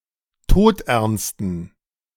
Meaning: inflection of todernst: 1. strong genitive masculine/neuter singular 2. weak/mixed genitive/dative all-gender singular 3. strong/weak/mixed accusative masculine singular 4. strong dative plural
- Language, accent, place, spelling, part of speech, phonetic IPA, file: German, Germany, Berlin, todernsten, adjective, [ˈtoːtʔɛʁnstn̩], De-todernsten.ogg